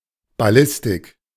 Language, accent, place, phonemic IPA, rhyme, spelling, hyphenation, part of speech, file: German, Germany, Berlin, /baˈlɪstɪk/, -ɪstɪk, Ballistik, Bal‧lis‧tik, noun, De-Ballistik.ogg
- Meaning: ballistics